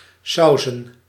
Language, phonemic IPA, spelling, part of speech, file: Dutch, /ˈsɑuzə(n)/, sauzen, verb / noun, Nl-sauzen.ogg
- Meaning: plural of saus